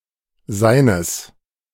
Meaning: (pronoun) neuter singular of seiner; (determiner) genitive masculine/neuter singular of sein
- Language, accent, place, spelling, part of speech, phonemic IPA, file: German, Germany, Berlin, seines, pronoun / determiner, /zaɪ̯nəs/, De-seines.ogg